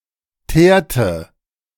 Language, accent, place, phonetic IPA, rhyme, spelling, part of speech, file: German, Germany, Berlin, [ˈteːɐ̯tə], -eːɐ̯tə, teerte, verb, De-teerte.ogg
- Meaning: inflection of teeren: 1. first/third-person singular preterite 2. first/third-person singular subjunctive II